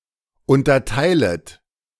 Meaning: second-person plural subjunctive I of unterteilen
- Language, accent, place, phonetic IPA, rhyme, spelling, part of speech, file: German, Germany, Berlin, [ˌʊntɐˈtaɪ̯lət], -aɪ̯lət, unterteilet, verb, De-unterteilet.ogg